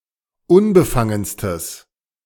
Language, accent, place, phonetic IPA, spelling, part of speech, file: German, Germany, Berlin, [ˈʊnbəˌfaŋənstəs], unbefangenstes, adjective, De-unbefangenstes.ogg
- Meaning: strong/mixed nominative/accusative neuter singular superlative degree of unbefangen